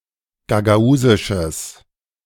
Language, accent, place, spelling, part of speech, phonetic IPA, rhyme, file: German, Germany, Berlin, gagausisches, adjective, [ɡaɡaˈuːzɪʃəs], -uːzɪʃəs, De-gagausisches.ogg
- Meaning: strong/mixed nominative/accusative neuter singular of gagausisch